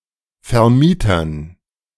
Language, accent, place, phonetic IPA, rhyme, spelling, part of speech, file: German, Germany, Berlin, [fɛɐ̯ˈmiːtɐn], -iːtɐn, Vermietern, noun, De-Vermietern.ogg
- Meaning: dative plural of Vermieter